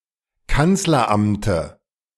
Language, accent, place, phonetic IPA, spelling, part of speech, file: German, Germany, Berlin, [ˈkant͡slɐˌʔamtə], Kanzleramte, noun, De-Kanzleramte.ogg
- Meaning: dative singular of Kanzleramt